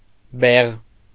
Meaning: moustache
- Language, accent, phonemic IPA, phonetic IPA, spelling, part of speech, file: Armenian, Eastern Armenian, /beʁ/, [beʁ], բեղ, noun, Hy-բեղ.ogg